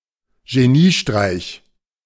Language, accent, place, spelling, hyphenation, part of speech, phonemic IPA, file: German, Germany, Berlin, Geniestreich, Ge‧nie‧streich, noun, /ʒeˈniːˌʃtʁaɪ̯ç/, De-Geniestreich.ogg
- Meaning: stroke of genius